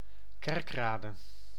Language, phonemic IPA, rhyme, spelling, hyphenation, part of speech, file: Dutch, /ˈkɛrkˌraː.də/, -ɛrkraːdə, Kerkrade, Kerk‧ra‧de, proper noun, Nl-Kerkrade.ogg
- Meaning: a city and municipality of Limburg, Netherlands